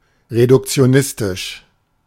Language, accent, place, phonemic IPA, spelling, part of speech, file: German, Germany, Berlin, /ʁedʊkt͡si̯oˈnɪstɪʃ/, reduktionistisch, adjective, De-reduktionistisch.ogg
- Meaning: reductionist